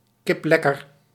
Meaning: very healthy, very well, in excellent health
- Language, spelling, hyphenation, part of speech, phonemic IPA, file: Dutch, kiplekker, kip‧lek‧ker, adjective, /ˌkɪpˈlɛ.kər/, Nl-kiplekker.ogg